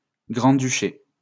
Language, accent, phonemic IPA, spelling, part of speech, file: French, France, /ɡʁɑ̃.dy.ʃe/, grand-duché, noun, LL-Q150 (fra)-grand-duché.wav
- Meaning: grand duchy